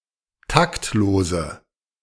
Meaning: inflection of taktlos: 1. strong/mixed nominative/accusative feminine singular 2. strong nominative/accusative plural 3. weak nominative all-gender singular 4. weak accusative feminine/neuter singular
- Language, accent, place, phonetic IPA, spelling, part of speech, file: German, Germany, Berlin, [ˈtaktˌloːzə], taktlose, adjective, De-taktlose.ogg